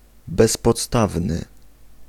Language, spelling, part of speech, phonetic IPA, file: Polish, bezpodstawny, adjective, [ˌbɛspɔtˈstavnɨ], Pl-bezpodstawny.ogg